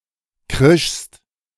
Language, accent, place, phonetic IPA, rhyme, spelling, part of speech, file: German, Germany, Berlin, [ˈkʁɪʃst], -ɪʃst, krischst, verb, De-krischst.ogg
- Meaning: second-person singular preterite of kreischen